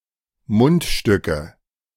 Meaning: nominative/accusative/genitive plural of Mundstück
- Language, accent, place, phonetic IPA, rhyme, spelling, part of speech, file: German, Germany, Berlin, [ˈmʊntˌʃtʏkə], -ʊntʃtʏkə, Mundstücke, noun, De-Mundstücke.ogg